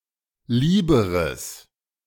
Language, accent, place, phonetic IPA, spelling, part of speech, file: German, Germany, Berlin, [ˈliːbəʁəs], lieberes, adjective, De-lieberes.ogg
- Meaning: strong/mixed nominative/accusative neuter singular comparative degree of lieb